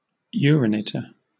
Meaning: 1. A person who urinates 2. A diver, especially someone who searches for things underwater
- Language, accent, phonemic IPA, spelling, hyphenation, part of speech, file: English, Southern England, /ˈjʊəɹɪˌneɪtə/, urinator, uri‧nat‧or, noun, LL-Q1860 (eng)-urinator.wav